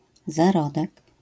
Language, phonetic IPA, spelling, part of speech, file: Polish, [zaˈrɔdɛk], zarodek, noun, LL-Q809 (pol)-zarodek.wav